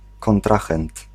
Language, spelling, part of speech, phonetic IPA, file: Polish, kontrahent, noun, [kɔ̃nˈtraxɛ̃nt], Pl-kontrahent.ogg